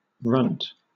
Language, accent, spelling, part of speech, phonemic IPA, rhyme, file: English, Southern England, runt, noun, /ɹʌnt/, -ʌnt, LL-Q1860 (eng)-runt.wav
- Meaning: 1. The smallest animal of a litter 2. The smallest child in the family 3. Undersized or stunted plant, animal or person 4. An uninfluential or unimportant person; a nobody